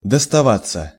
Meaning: 1. to fall to one's share; to fall to one's lot 2. passive of достава́ть (dostavátʹ)
- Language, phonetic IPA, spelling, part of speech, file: Russian, [dəstɐˈvat͡sːə], доставаться, verb, Ru-доставаться.ogg